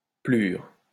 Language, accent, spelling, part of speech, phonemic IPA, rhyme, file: French, France, pelure, noun, /pə.lyʁ/, -yʁ, LL-Q150 (fra)-pelure.wav
- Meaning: 1. peel, rind (of a fruit) 2. skin (of an onion)